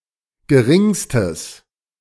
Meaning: strong/mixed nominative/accusative neuter singular superlative degree of gering
- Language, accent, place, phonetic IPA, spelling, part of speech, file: German, Germany, Berlin, [ɡəˈʁɪŋstəs], geringstes, adjective, De-geringstes.ogg